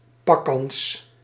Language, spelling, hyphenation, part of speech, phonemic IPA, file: Dutch, pakkans, pak‧kans, noun, /ˈpɑ.kɑns/, Nl-pakkans.ogg
- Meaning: probability of apprehension; probability of arresting the criminal guilty of a crime